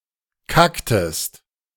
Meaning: inflection of kacken: 1. second-person singular preterite 2. second-person singular subjunctive II
- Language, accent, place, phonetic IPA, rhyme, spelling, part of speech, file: German, Germany, Berlin, [ˈkaktəst], -aktəst, kacktest, verb, De-kacktest.ogg